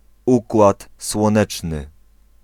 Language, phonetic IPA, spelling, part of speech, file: Polish, [ˈukwat swɔ̃ˈnɛt͡ʃnɨ], Układ Słoneczny, proper noun, Pl-Układ Słoneczny.ogg